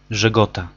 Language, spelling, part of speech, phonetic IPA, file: Polish, Żegota, proper noun / noun, [ʒɛˈɡɔta], Pl-Żegota.ogg